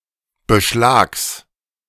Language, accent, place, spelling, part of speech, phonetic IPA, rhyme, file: German, Germany, Berlin, Beschlags, noun, [bəˈʃlaːks], -aːks, De-Beschlags.ogg
- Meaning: genitive singular of Beschlag